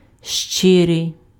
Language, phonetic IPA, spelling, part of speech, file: Ukrainian, [ˈʃt͡ʃɪrei̯], щирий, adjective, Uk-щирий.ogg
- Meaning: 1. sincere; frank, honest 2. genuine, true, real, unfeigned 3. pure, unalloyed 4. zealous, earnest, diligent